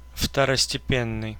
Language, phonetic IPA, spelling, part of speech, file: Russian, [ftərəsʲtʲɪˈpʲenːɨj], второстепенный, adjective, Ru-второстепенный.ogg
- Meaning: secondary, minor, of less importance